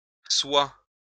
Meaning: third-person plural present subjunctive of être
- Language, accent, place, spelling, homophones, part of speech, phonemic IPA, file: French, France, Lyon, soient, soi / soie / soies / sois / soit, verb, /swa/, LL-Q150 (fra)-soient.wav